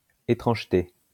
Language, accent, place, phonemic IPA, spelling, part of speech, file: French, France, Lyon, /e.tʁɑ̃ʒ.te/, étrangeté, noun, LL-Q150 (fra)-étrangeté.wav
- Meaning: strangeness